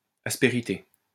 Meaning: 1. asperity 2. ruggedness
- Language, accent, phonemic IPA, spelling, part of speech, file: French, France, /as.pe.ʁi.te/, aspérité, noun, LL-Q150 (fra)-aspérité.wav